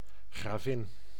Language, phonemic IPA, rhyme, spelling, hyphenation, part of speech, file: Dutch, /ɣraːˈvɪn/, -ɪn, gravin, gra‧vin, noun, Nl-gravin.ogg
- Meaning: countess